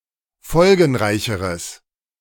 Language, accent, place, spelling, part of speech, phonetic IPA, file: German, Germany, Berlin, folgenreicheres, adjective, [ˈfɔlɡn̩ˌʁaɪ̯çəʁəs], De-folgenreicheres.ogg
- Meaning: strong/mixed nominative/accusative neuter singular comparative degree of folgenreich